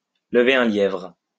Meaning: to start a hare, to start something off, to stir things up, to cause a ripple, to raise a prickly topic, to raise a thorny issue, to touch on a sore point
- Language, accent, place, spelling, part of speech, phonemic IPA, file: French, France, Lyon, lever un lièvre, verb, /lə.ve œ̃ ljɛvʁ/, LL-Q150 (fra)-lever un lièvre.wav